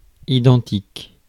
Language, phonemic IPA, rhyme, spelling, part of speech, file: French, /i.dɑ̃.tik/, -ɑ̃tik, identique, adjective, Fr-identique.ogg
- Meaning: identical